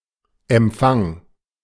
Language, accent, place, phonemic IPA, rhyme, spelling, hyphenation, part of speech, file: German, Germany, Berlin, /ɛmˈpfaŋ/, -aŋ, Empfang, Emp‧fang, noun, De-Empfang.ogg
- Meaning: 1. receipt, acceptance, welcome (act of receiving someone or something) 2. reception (social event) 3. reception, front desk (area where people are received)